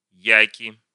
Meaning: nominative plural of як (jak)
- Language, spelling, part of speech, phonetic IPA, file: Russian, яки, noun, [ˈjækʲɪ], Ru-я́ки.ogg